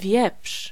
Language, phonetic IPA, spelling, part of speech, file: Polish, [vʲjɛpʃ], wieprz, noun, Pl-wieprz.ogg